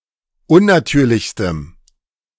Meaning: strong dative masculine/neuter singular superlative degree of unnatürlich
- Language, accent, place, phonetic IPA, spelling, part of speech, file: German, Germany, Berlin, [ˈʊnnaˌtyːɐ̯lɪçstəm], unnatürlichstem, adjective, De-unnatürlichstem.ogg